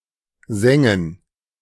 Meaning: to singe
- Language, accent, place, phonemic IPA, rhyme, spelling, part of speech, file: German, Germany, Berlin, /ˈzɛŋən/, -ɛŋən, sengen, verb, De-sengen.ogg